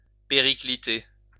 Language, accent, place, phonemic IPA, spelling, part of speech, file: French, France, Lyon, /pe.ʁi.kli.te/, péricliter, verb, LL-Q150 (fra)-péricliter.wav
- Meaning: 1. to be in danger, in peril 2. to go downhill, go to the dogs